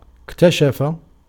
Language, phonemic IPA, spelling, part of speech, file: Arabic, /ik.ta.ʃa.fa/, اكتشف, verb, Ar-اكتشف.ogg
- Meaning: 1. to discover 2. to find out, to uncover